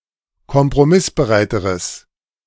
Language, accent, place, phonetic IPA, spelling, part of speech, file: German, Germany, Berlin, [kɔmpʁoˈmɪsbəˌʁaɪ̯təʁəs], kompromissbereiteres, adjective, De-kompromissbereiteres.ogg
- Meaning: strong/mixed nominative/accusative neuter singular comparative degree of kompromissbereit